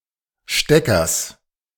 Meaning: genitive singular of Stecker
- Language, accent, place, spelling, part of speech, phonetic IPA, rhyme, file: German, Germany, Berlin, Steckers, noun, [ˈʃtɛkɐs], -ɛkɐs, De-Steckers.ogg